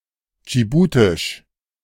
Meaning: of Djibouti; Djiboutian
- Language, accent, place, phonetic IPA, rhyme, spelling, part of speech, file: German, Germany, Berlin, [d͡ʒiˈbuːtɪʃ], -uːtɪʃ, dschibutisch, adjective, De-dschibutisch.ogg